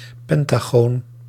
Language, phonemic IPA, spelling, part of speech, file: Dutch, /ˈpɛntaɣon/, pentagoon, noun, Nl-pentagoon.ogg
- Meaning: pentagon